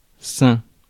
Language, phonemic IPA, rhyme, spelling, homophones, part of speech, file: French, /sɛ̃/, -ɛ̃, sain, sains / saint / saints / sein / seing / seings / seins, adjective, Fr-sain.ogg
- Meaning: 1. healthy; in good health 2. healthful; beneficial to health of body or mind